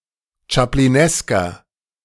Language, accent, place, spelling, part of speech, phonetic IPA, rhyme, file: German, Germany, Berlin, chaplinesker, adjective, [t͡ʃapliˈnɛskɐ], -ɛskɐ, De-chaplinesker.ogg
- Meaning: inflection of chaplinesk: 1. strong/mixed nominative masculine singular 2. strong genitive/dative feminine singular 3. strong genitive plural